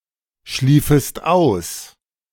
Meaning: second-person singular subjunctive II of ausschlafen
- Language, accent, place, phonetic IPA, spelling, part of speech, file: German, Germany, Berlin, [ˌʃliːfəst ˈaʊ̯s], schliefest aus, verb, De-schliefest aus.ogg